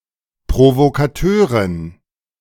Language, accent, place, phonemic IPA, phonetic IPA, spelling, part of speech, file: German, Germany, Berlin, /pʁovokaˈtøːʁɪn/, [pʁovokʰaˈtʰøːɐ̯ʁɪn], Provokateurin, noun, De-Provokateurin.ogg
- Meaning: female provocateur, agitator